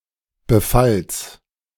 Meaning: genitive singular of Befall
- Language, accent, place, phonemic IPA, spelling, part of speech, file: German, Germany, Berlin, /bəˈfals/, Befalls, noun, De-Befalls.ogg